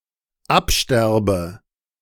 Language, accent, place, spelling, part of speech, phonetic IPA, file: German, Germany, Berlin, absterbe, verb, [ˈapˌʃtɛʁbə], De-absterbe.ogg
- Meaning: inflection of absterben: 1. first-person singular dependent present 2. first/third-person singular dependent subjunctive I